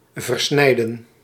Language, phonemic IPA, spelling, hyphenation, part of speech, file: Dutch, /vərˈsnɛi̯.də(n)/, versnijden, ver‧snij‧den, verb, Nl-versnijden.ogg
- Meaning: 1. to cut up, to cut in pieces 2. to dilute, to mix, to adulterate, to step on 3. to blend or mix (with younger beer) (done to certain beers, like gueuze) 4. to destroy by cutting, to ruin by cutting